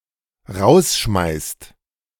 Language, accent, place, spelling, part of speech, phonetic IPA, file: German, Germany, Berlin, rausschmeißt, verb, [ˈʁaʊ̯sˌʃmaɪ̯st], De-rausschmeißt.ogg
- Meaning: inflection of rausschmeißen: 1. second/third-person singular dependent present 2. second-person plural dependent present